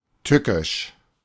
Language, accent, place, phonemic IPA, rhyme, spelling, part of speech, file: German, Germany, Berlin, /ˈtʏkɪʃ/, -ɪʃ, tückisch, adjective, De-tückisch.ogg
- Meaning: 1. dangerous, perilous 2. malicious